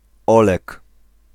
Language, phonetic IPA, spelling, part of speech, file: Polish, [ˈɔlɛk], Olek, proper noun, Pl-Olek.ogg